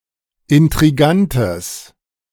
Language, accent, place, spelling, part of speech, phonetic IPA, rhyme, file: German, Germany, Berlin, intrigantes, adjective, [ɪntʁiˈɡantəs], -antəs, De-intrigantes.ogg
- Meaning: strong/mixed nominative/accusative neuter singular of intrigant